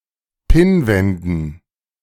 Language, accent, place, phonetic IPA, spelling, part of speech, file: German, Germany, Berlin, [ˈpɪnˌvɛndn̩], Pinnwänden, noun, De-Pinnwänden.ogg
- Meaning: dative plural of Pinnwand